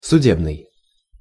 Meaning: 1. judicial, judiciary (relating to a court of law) 2. forensic
- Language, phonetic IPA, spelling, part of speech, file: Russian, [sʊˈdʲebnɨj], судебный, adjective, Ru-судебный.ogg